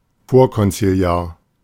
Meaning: 1. pre-conciliar (before the second Vatican council) 2. backward, old-fashioned
- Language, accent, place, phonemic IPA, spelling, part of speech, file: German, Germany, Berlin, /ˈfoːɐ̯kɔnt͡siˈli̯aːɐ̯/, vorkonziliar, adjective, De-vorkonziliar.ogg